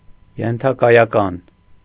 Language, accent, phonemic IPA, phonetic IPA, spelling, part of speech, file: Armenian, Eastern Armenian, /jentʰɑkɑjɑˈkɑn/, [jentʰɑkɑjɑkɑ́n], ենթակայական, adjective, Hy-ենթակայական.ogg
- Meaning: subject (attributive)